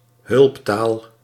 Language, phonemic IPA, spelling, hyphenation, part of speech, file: Dutch, /ˈɦʏlp.taːl/, hulptaal, hulp‧taal, noun, Nl-hulptaal.ogg
- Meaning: auxiliary language